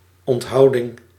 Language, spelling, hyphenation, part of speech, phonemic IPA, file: Dutch, onthouding, ont‧hou‧ding, noun, /ɔntˈɦɑu̯.dɪŋ/, Nl-onthouding.ogg
- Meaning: abstinence (the act or practice of abstaining)